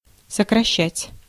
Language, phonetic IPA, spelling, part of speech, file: Russian, [səkrɐˈɕːætʲ], сокращать, verb, Ru-сокращать.ogg
- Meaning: 1. to shorten, to curtail, to abridge, to abbreviate 2. to reduce, to cut, to curtail, to retrench 3. to dismiss, to discharge; to lay off 4. to cancel, to abbreviate by cancellation